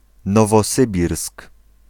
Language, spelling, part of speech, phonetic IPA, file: Polish, Nowosybirsk, proper noun, [ˌnɔvɔˈsɨbʲirsk], Pl-Nowosybirsk.ogg